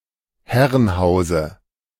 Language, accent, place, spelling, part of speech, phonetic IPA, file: German, Germany, Berlin, Herrenhause, noun, [ˈhɛʁənˌhaʊ̯zə], De-Herrenhause.ogg
- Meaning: dative singular of Herrenhaus